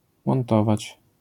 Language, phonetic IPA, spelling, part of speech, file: Polish, [mɔ̃nˈtɔvat͡ɕ], montować, verb, LL-Q809 (pol)-montować.wav